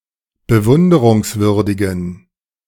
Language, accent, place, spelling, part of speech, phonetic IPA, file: German, Germany, Berlin, bewunderungswürdigen, adjective, [bəˈvʊndəʁʊŋsˌvʏʁdɪɡn̩], De-bewunderungswürdigen.ogg
- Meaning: inflection of bewunderungswürdig: 1. strong genitive masculine/neuter singular 2. weak/mixed genitive/dative all-gender singular 3. strong/weak/mixed accusative masculine singular